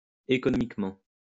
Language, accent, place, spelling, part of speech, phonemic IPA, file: French, France, Lyon, économiquement, adverb, /e.kɔ.nɔ.mik.mɑ̃/, LL-Q150 (fra)-économiquement.wav
- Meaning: economically